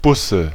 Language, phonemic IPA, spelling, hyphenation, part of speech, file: German, /ˈbʊsə/, Busse, Bus‧se, noun / proper noun, De-Busse.ogg
- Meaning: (noun) nominative/accusative/genitive plural of Bus (“bus”); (proper noun) a surname